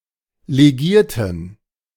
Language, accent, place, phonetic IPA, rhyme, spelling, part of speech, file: German, Germany, Berlin, [leˈɡiːɐ̯tn̩], -iːɐ̯tn̩, legierten, adjective / verb, De-legierten.ogg
- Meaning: inflection of legiert: 1. strong genitive masculine/neuter singular 2. weak/mixed genitive/dative all-gender singular 3. strong/weak/mixed accusative masculine singular 4. strong dative plural